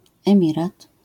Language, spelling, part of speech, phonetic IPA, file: Polish, emirat, noun, [ɛ̃ˈmʲirat], LL-Q809 (pol)-emirat.wav